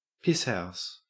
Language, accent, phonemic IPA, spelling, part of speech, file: English, Australia, /pɪs.haʊs/, pisshouse, noun, En-au-pisshouse.ogg
- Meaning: A building that houses toilets or urinals